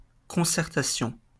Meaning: 1. consultation 2. concertation
- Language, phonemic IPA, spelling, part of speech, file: French, /kɔ̃.sɛʁ.ta.sjɔ̃/, concertation, noun, LL-Q150 (fra)-concertation.wav